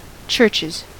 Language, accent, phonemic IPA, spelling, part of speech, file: English, US, /ˈt͡ʃɝt͡ʃɪz/, churches, noun / verb, En-us-churches.ogg
- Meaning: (noun) plural of church; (verb) third-person singular simple present indicative of church